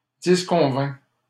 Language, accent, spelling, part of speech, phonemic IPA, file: French, Canada, disconvins, verb, /dis.kɔ̃.vɛ̃/, LL-Q150 (fra)-disconvins.wav
- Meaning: first/second-person singular past historic of disconvenir